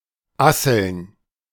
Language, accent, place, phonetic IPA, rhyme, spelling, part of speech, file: German, Germany, Berlin, [ˈasl̩n], -asl̩n, Asseln, noun, De-Asseln.ogg
- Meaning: plural of Assel